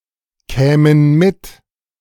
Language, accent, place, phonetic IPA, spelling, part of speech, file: German, Germany, Berlin, [ˌkɛːmən ˈmɪt], kämen mit, verb, De-kämen mit.ogg
- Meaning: first/third-person plural subjunctive II of mitkommen